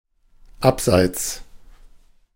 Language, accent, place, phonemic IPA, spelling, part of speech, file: German, Germany, Berlin, /ˈapˌzaɪ̯t͡s/, abseits, adverb / preposition, De-abseits.ogg
- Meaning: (adverb) apart, aside; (preposition) apart from; away from; off (of); out of